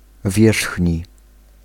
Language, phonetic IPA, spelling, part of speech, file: Polish, [ˈvʲjɛʃxʲɲi], wierzchni, adjective, Pl-wierzchni.ogg